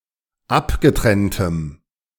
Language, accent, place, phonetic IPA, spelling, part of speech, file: German, Germany, Berlin, [ˈapɡəˌtʁɛntəm], abgetrenntem, adjective, De-abgetrenntem.ogg
- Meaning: strong dative masculine/neuter singular of abgetrennt